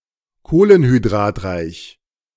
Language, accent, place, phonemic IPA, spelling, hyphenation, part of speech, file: German, Germany, Berlin, /ˈkoːlənhydʁaːtˌʁaɪ̯ç/, kohlenhydratreich, koh‧len‧hy‧d‧rat‧reich, adjective, De-kohlenhydratreich.ogg
- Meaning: high-carb